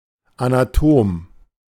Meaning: 1. anatomist (male or of unspecified gender) 2. dissector (male or of unspecified gender)
- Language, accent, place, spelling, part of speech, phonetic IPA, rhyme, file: German, Germany, Berlin, Anatom, noun, [ˌanaˈtoːm], -oːm, De-Anatom.ogg